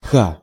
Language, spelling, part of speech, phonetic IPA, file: Russian, х, character, [x], Ru-х.ogg
- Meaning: The twenty-second letter of the Russian alphabet, called ха (xa) and written in the Cyrillic script